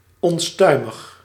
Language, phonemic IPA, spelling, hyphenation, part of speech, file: Dutch, /ɔnˈstœy̯.məx/, onstuimig, on‧stui‧mig, adjective, Nl-onstuimig.ogg
- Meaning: 1. stormy 2. rambunctious, impetuous